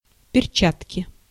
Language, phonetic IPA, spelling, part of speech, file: Russian, [pʲɪrˈt͡ɕatkʲɪ], перчатки, noun, Ru-перчатки.ogg
- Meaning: inflection of перча́тка (perčátka): 1. genitive singular 2. nominative/accusative plural